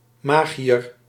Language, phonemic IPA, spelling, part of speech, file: Dutch, /ˈmaː.ɣi.ər/, magiër, noun, Nl-magiër.ogg
- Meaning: 1. mage, sorcerer 2. magus, Zoroastrian priest 3. magician, illusionist